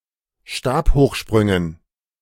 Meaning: dative plural of Stabhochsprung
- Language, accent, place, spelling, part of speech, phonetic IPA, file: German, Germany, Berlin, Stabhochsprüngen, noun, [ˈʃtaːphoːxˌʃpʁʏŋən], De-Stabhochsprüngen.ogg